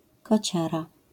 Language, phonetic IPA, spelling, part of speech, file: Polish, [kɔˈt͡ɕara], kociara, noun, LL-Q809 (pol)-kociara.wav